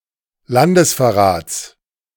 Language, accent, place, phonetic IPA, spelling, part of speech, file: German, Germany, Berlin, [ˈlandəsfɛɐ̯ˌʁaːt͡s], Landesverrats, noun, De-Landesverrats.ogg
- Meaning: genitive of Landesverrat